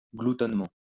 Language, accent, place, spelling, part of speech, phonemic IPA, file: French, France, Lyon, gloutonnement, adverb, /ɡlu.tɔn.mɑ̃/, LL-Q150 (fra)-gloutonnement.wav
- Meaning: gluttonishly; in the manner of a glutton